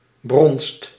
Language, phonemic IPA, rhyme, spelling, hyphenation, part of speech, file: Dutch, /brɔnst/, -ɔnst, bronst, bronst, noun, Nl-bronst.ogg
- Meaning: 1. heat, rut (sexual excitement of animals) 2. a strong sexual urge to mate (for humans)